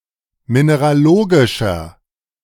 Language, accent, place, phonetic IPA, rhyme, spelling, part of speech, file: German, Germany, Berlin, [ˌmineʁaˈloːɡɪʃɐ], -oːɡɪʃɐ, mineralogischer, adjective, De-mineralogischer.ogg
- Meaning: inflection of mineralogisch: 1. strong/mixed nominative masculine singular 2. strong genitive/dative feminine singular 3. strong genitive plural